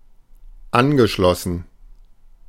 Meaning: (verb) past participle of anschließen; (adjective) 1. associated 2. affiliated 3. attached, connected
- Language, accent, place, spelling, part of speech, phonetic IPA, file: German, Germany, Berlin, angeschlossen, adjective / verb, [ˈanɡəˌʃlɔsn̩], De-angeschlossen.ogg